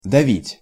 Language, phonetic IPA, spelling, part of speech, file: Russian, [dɐˈvʲitʲ], давить, verb, Ru-давить.ogg
- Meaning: 1. to weigh, to lie heavy 2. to crush 3. to press, to squeeze 4. to suppress, to stifle 5. to kill, to destroy 6. to put pressure on, to pressurize, to pressure